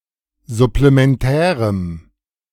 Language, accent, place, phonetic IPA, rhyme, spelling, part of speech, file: German, Germany, Berlin, [zʊplemɛnˈtɛːʁəm], -ɛːʁəm, supplementärem, adjective, De-supplementärem.ogg
- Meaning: strong dative masculine/neuter singular of supplementär